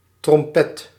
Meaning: trumpet
- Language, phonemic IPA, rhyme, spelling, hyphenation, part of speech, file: Dutch, /trɔmˈpɛt/, -ɛt, trompet, trom‧pet, noun, Nl-trompet.ogg